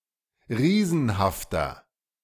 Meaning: 1. comparative degree of riesenhaft 2. inflection of riesenhaft: strong/mixed nominative masculine singular 3. inflection of riesenhaft: strong genitive/dative feminine singular
- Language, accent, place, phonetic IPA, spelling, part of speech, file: German, Germany, Berlin, [ˈʁiːzn̩haftɐ], riesenhafter, adjective, De-riesenhafter.ogg